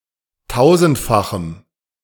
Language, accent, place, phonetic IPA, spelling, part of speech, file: German, Germany, Berlin, [ˈtaʊ̯zn̩tfaxm̩], tausendfachem, adjective, De-tausendfachem.ogg
- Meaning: strong dative masculine/neuter singular of tausendfach